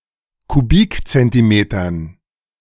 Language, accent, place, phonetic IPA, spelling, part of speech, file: German, Germany, Berlin, [kuˈbiːkt͡sɛntiˌmeːtɐn], Kubikzentimetern, noun, De-Kubikzentimetern.ogg
- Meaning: dative plural of Kubikzentimeter